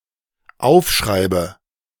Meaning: inflection of aufschreiben: 1. first-person singular dependent present 2. first/third-person singular dependent subjunctive I
- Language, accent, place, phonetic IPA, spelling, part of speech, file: German, Germany, Berlin, [ˈaʊ̯fˌʃʁaɪ̯bə], aufschreibe, verb, De-aufschreibe.ogg